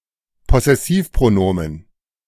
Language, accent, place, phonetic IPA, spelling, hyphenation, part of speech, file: German, Germany, Berlin, [pɔsɛˈsiːfpʁoˌnoːmən], Possessivpronomen, Pos‧ses‧siv‧pro‧no‧men, noun, De-Possessivpronomen.ogg
- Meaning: possessive pronoun